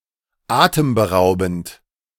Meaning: breathtaking, awe-inspiring, stunning, staggering, jaw-dropping, spectacular
- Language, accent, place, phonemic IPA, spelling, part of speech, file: German, Germany, Berlin, /ˈaːtəmbəˌʁaʊ̯bn̩t/, atemberaubend, adjective, De-atemberaubend.ogg